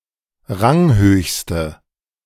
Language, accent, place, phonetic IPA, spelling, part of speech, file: German, Germany, Berlin, [ˈʁaŋˌhøːçstə], ranghöchste, adjective, De-ranghöchste.ogg
- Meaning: inflection of ranghoch: 1. strong/mixed nominative/accusative feminine singular superlative degree 2. strong nominative/accusative plural superlative degree